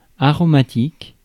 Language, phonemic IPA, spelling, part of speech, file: French, /a.ʁɔ.ma.tik/, aromatique, adjective, Fr-aromatique.ogg
- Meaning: aromatic (all senses)